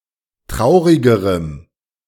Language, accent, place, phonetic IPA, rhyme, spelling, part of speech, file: German, Germany, Berlin, [ˈtʁaʊ̯ʁɪɡəʁəm], -aʊ̯ʁɪɡəʁəm, traurigerem, adjective, De-traurigerem.ogg
- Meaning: strong dative masculine/neuter singular comparative degree of traurig